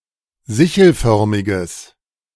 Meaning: strong/mixed nominative/accusative neuter singular of sichelförmig
- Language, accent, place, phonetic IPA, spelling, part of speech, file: German, Germany, Berlin, [ˈzɪçl̩ˌfœʁmɪɡəs], sichelförmiges, adjective, De-sichelförmiges.ogg